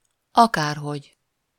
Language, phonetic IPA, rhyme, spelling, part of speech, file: Hungarian, [ˈɒkaːrɦoɟ], -oɟ, akárhogy, adverb, Hu-akárhogy.ogg
- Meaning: anyway, anyhow, whatever (either this way or that way, in any way or manner)